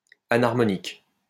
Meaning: anharmonic
- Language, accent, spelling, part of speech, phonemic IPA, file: French, France, anharmonique, adjective, /a.naʁ.mɔ.nik/, LL-Q150 (fra)-anharmonique.wav